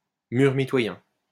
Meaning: party wall (commonly shared wall dividing two properties within a row house)
- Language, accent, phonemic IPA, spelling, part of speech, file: French, France, /myʁ mi.twa.jɛ̃/, mur mitoyen, noun, LL-Q150 (fra)-mur mitoyen.wav